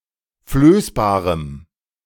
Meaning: strong dative masculine/neuter singular of flößbar
- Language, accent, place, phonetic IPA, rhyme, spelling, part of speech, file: German, Germany, Berlin, [ˈfløːsbaːʁəm], -øːsbaːʁəm, flößbarem, adjective, De-flößbarem.ogg